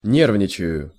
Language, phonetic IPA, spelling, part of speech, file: Russian, [ˈnʲervnʲɪt͡ɕɪjʊ], нервничаю, verb, Ru-нервничаю.ogg
- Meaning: first-person singular present indicative imperfective of не́рвничать (nérvničatʹ)